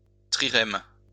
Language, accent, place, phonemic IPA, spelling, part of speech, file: French, France, Lyon, /tʁi.ʁɛm/, trirème, noun, LL-Q150 (fra)-trirème.wav
- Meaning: trireme (galley with three banks of oars)